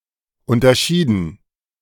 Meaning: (verb) past participle of unterscheiden; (adjective) distinguished
- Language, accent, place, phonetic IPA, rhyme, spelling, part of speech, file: German, Germany, Berlin, [ˌʊntɐˈʃiːdn̩], -iːdn̩, unterschieden, verb, De-unterschieden.ogg